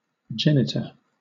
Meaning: 1. a biological parent (either male or female), or the direct cause of an offspring 2. a generator; an originator 3. The genitals
- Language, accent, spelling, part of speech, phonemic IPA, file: English, Southern England, genitor, noun, /ˈd͡ʒɛnɪtə(ɹ)/, LL-Q1860 (eng)-genitor.wav